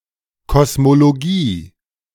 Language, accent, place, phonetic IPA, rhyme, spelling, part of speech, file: German, Germany, Berlin, [kɔsmoloˈɡiː], -iː, Kosmologie, noun, De-Kosmologie.ogg
- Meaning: cosmology